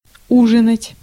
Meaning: to dine; to have dinner; to have supper
- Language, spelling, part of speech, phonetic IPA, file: Russian, ужинать, verb, [ˈuʐɨnətʲ], Ru-ужинать.ogg